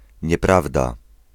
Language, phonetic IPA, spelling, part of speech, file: Polish, [ɲɛˈpravda], nieprawda, noun / interjection, Pl-nieprawda.ogg